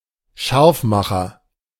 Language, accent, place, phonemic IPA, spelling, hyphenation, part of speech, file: German, Germany, Berlin, /ˈʃaʁfˌmaxɐ/, Scharfmacher, Scharf‧ma‧cher, noun, De-Scharfmacher.ogg
- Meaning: agitator, demagogue, rabble-rouser, seditionary